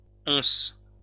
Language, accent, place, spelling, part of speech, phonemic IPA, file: French, France, Lyon, onces, noun, /ɔ̃s/, LL-Q150 (fra)-onces.wav
- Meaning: plural of once